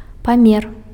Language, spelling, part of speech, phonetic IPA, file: Belarusian, памер, noun, [paˈmʲer], Be-памер.ogg
- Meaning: dimension, size